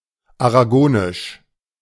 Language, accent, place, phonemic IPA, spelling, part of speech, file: German, Germany, Berlin, /aʁaˈɡoːnɪʃ/, aragonisch, adjective, De-aragonisch.ogg
- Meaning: synonym of aragonesisch